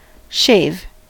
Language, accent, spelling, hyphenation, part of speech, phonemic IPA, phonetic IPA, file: English, US, shave, shave, verb / noun, /ˈʃeɪ̯v/, [ˈʃeɪ̯v], En-us-shave.ogg
- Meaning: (verb) 1. To make (the head, skin etc.) bald or (the hair) shorter by using a tool such as a razor or electric clippers to cut the hair close to the skin 2. To cut anything in this fashion